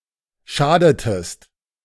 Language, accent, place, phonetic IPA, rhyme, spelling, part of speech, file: German, Germany, Berlin, [ˈʃaːdətəst], -aːdətəst, schadetest, verb, De-schadetest.ogg
- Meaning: inflection of schaden: 1. second-person singular preterite 2. second-person singular subjunctive II